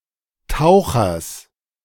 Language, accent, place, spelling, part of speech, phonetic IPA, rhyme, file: German, Germany, Berlin, Tauchers, noun, [ˈtaʊ̯xɐs], -aʊ̯xɐs, De-Tauchers.ogg
- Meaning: genitive singular of Taucher